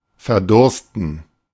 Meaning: 1. to die of thirst 2. to be very thirsty
- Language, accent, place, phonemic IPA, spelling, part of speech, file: German, Germany, Berlin, /fɛrˈdʊrstən/, verdursten, verb, De-verdursten.ogg